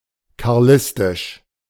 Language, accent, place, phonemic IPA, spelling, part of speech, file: German, Germany, Berlin, /kaʁˈlɪstɪʃ/, karlistisch, adjective, De-karlistisch.ogg
- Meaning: Carlist